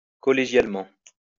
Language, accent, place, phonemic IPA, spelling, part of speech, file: French, France, Lyon, /kɔ.le.ʒjal.mɑ̃/, collégialement, adverb, LL-Q150 (fra)-collégialement.wav
- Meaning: collegially